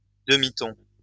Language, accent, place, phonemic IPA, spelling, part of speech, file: French, France, Lyon, /də.mi.tɔ̃/, demi-ton, noun, LL-Q150 (fra)-demi-ton.wav
- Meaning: semitone (musical interval)